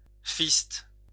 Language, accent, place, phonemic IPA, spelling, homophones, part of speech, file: French, France, Lyon, /fist/, fiste, fistent / fistes, verb, LL-Q150 (fra)-fiste.wav
- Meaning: inflection of fister: 1. first/third-person singular present indicative/subjunctive 2. second-person singular imperative